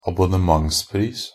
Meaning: a subscription price (agreed price for regular delivery of goods or services)
- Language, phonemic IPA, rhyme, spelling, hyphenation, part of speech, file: Norwegian Bokmål, /abʊnəˈmaŋspriːs/, -iːs, abonnementspris, ab‧on‧ne‧ments‧pris, noun, NB - Pronunciation of Norwegian Bokmål «abonnementspris».ogg